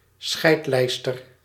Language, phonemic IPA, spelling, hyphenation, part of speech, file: Dutch, /ˈsxɛi̯tˌlɛi̯stər/, schijtlijster, schijt‧lijs‧ter, noun, Nl-schijtlijster.ogg
- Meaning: coward